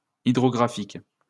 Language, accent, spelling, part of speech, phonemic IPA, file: French, France, hydrographique, adjective, /i.dʁɔ.ɡʁa.fik/, LL-Q150 (fra)-hydrographique.wav
- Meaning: hydrographic; hydrographical